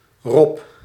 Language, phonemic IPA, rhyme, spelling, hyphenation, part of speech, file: Dutch, /rɔp/, -ɔp, rob, rob, noun, Nl-rob.ogg
- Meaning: 1. seal, any member of the family Phocidae 2. rabbit